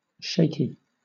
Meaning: 1. Shaking or trembling 2. Nervous, anxious 3. Full of shakes or cracks; cracked 4. Easily shaken; tottering; unsound 5. Wavering; undecided
- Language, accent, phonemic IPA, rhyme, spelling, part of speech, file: English, Southern England, /ˈʃeɪki/, -eɪki, shaky, adjective, LL-Q1860 (eng)-shaky.wav